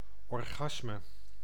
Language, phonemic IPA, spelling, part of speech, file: Dutch, /ɔrˈɣɑsmə/, orgasme, noun, Nl-orgasme.ogg
- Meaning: orgasm